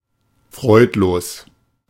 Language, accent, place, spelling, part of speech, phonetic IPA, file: German, Germany, Berlin, freudlos, adjective, [ˈfʁɔɪ̯tˌloːs], De-freudlos.ogg
- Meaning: joyless, cheerless, bleak